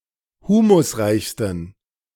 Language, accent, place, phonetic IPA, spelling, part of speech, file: German, Germany, Berlin, [ˈhuːmʊsˌʁaɪ̯çstn̩], humusreichsten, adjective, De-humusreichsten.ogg
- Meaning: 1. superlative degree of humusreich 2. inflection of humusreich: strong genitive masculine/neuter singular superlative degree